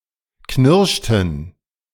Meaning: inflection of knirschen: 1. first/third-person plural preterite 2. first/third-person plural subjunctive II
- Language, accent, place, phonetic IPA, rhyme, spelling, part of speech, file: German, Germany, Berlin, [ˈknɪʁʃtn̩], -ɪʁʃtn̩, knirschten, verb, De-knirschten.ogg